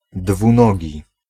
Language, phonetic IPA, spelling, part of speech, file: Polish, [dvũˈnɔɟi], dwunogi, adjective, Pl-dwunogi.ogg